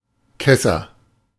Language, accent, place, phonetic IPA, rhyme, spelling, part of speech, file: German, Germany, Berlin, [ˈkɛsɐ], -ɛsɐ, kesser, adjective, De-kesser.ogg
- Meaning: 1. comparative degree of kess 2. inflection of kess: strong/mixed nominative masculine singular 3. inflection of kess: strong genitive/dative feminine singular